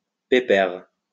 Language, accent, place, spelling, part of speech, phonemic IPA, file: French, France, Lyon, pépère, noun / adjective, /pe.pɛʁ/, LL-Q150 (fra)-pépère.wav
- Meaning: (noun) 1. affectionate name for a male, such as honey, sweetie, baby (etc.) 2. grandfather (also spelled pépé); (adjective) easy, relaxed